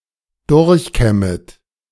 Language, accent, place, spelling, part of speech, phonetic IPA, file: German, Germany, Berlin, durchkämmet, verb, [ˈdʊʁçˌkɛmət], De-durchkämmet.ogg
- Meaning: second-person plural subjunctive I of durchkämmen